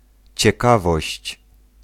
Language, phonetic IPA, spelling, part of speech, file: Polish, [t͡ɕɛˈkavɔɕt͡ɕ], ciekawość, noun, Pl-ciekawość.ogg